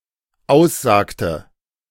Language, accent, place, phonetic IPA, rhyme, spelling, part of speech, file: German, Germany, Berlin, [ˈaʊ̯sˌzaːktə], -aʊ̯szaːktə, aussagte, verb, De-aussagte.ogg
- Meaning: inflection of aussagen: 1. first/third-person singular dependent preterite 2. first/third-person singular dependent subjunctive II